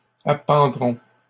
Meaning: first-person plural simple future of appendre
- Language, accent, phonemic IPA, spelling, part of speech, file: French, Canada, /a.pɑ̃.dʁɔ̃/, appendrons, verb, LL-Q150 (fra)-appendrons.wav